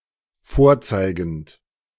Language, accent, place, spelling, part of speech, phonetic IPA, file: German, Germany, Berlin, vorzeigend, verb, [ˈfoːɐ̯ˌt͡saɪ̯ɡn̩t], De-vorzeigend.ogg
- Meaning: present participle of vorzeigen